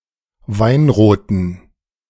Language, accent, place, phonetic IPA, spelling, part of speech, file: German, Germany, Berlin, [ˈvaɪ̯nʁoːtn̩], weinroten, adjective, De-weinroten.ogg
- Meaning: inflection of weinrot: 1. strong genitive masculine/neuter singular 2. weak/mixed genitive/dative all-gender singular 3. strong/weak/mixed accusative masculine singular 4. strong dative plural